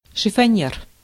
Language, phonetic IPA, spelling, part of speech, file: Russian, [ʂɨfɐˈnʲjer], шифоньер, noun, Ru-шифоньер.ogg
- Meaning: wardrobe, chiffonier